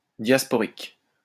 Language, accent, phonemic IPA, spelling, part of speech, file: French, France, /djas.pɔ.ʁik/, diasporique, adjective, LL-Q150 (fra)-diasporique.wav
- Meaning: diasporic